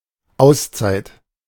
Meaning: 1. time-out 2. time-out, hiatus
- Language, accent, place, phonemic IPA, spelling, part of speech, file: German, Germany, Berlin, /ˈaʊ̯sˌt͡saɪ̯t/, Auszeit, noun, De-Auszeit.ogg